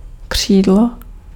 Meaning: 1. wing 2. grand piano 3. outside
- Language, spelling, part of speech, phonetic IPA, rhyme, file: Czech, křídlo, noun, [ˈkr̝̊iːdlo], -iːdlo, Cs-křídlo.ogg